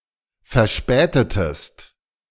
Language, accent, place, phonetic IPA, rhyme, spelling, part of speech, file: German, Germany, Berlin, [fɛɐ̯ˈʃpɛːtətəst], -ɛːtətəst, verspätetest, verb, De-verspätetest.ogg
- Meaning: inflection of verspäten: 1. second-person singular preterite 2. second-person singular subjunctive II